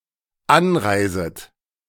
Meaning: second-person plural dependent subjunctive I of anreisen
- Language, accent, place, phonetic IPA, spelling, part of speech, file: German, Germany, Berlin, [ˈanˌʁaɪ̯zət], anreiset, verb, De-anreiset.ogg